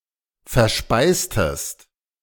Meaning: inflection of verspeisen: 1. second-person singular preterite 2. second-person singular subjunctive II
- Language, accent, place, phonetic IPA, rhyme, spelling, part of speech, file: German, Germany, Berlin, [fɛɐ̯ˈʃpaɪ̯stəst], -aɪ̯stəst, verspeistest, verb, De-verspeistest.ogg